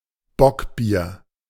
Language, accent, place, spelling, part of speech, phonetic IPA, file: German, Germany, Berlin, Bockbier, noun, [ˈbɔkˌbiːɐ̯], De-Bockbier.ogg
- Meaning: bock beer